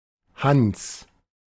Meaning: a male given name
- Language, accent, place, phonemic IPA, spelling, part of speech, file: German, Germany, Berlin, /hans/, Hans, proper noun, De-Hans.ogg